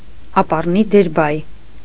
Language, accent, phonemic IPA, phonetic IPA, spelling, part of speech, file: Armenian, Eastern Armenian, /ɑpɑrˈni deɾˈbɑj/, [ɑpɑrní deɾbɑ́j], ապառնի դերբայ, noun, Hy-ապառնի դերբայ.ogg
- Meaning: future converb